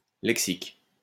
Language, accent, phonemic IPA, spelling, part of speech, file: French, France, /lɛk.sik/, lexique, noun, LL-Q150 (fra)-lexique.wav
- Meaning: 1. vocabulary; lexicon 2. glossary